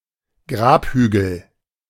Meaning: tumulus, burial mound, grave mound
- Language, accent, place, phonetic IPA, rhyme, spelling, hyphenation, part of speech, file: German, Germany, Berlin, [ˈɡʁaːpˌhyːɡl̩], -yːɡl̩, Grabhügel, Grab‧hü‧gel, noun, De-Grabhügel.ogg